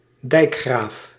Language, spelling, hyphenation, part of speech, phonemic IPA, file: Dutch, dijkgraaf, dijk‧graaf, noun, /ˈdɛi̯k.xraːf/, Nl-dijkgraaf.ogg
- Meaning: head of a waterschap (“water board”)